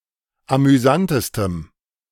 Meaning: strong dative masculine/neuter singular superlative degree of amüsant
- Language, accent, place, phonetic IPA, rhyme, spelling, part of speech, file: German, Germany, Berlin, [amyˈzantəstəm], -antəstəm, amüsantestem, adjective, De-amüsantestem.ogg